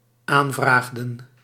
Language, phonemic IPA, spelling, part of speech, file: Dutch, /ˈaɱvraɣdəŋ/, aanvraagden, verb, Nl-aanvraagden.ogg
- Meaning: inflection of aanvragen: 1. plural dependent-clause past indicative 2. plural dependent-clause past subjunctive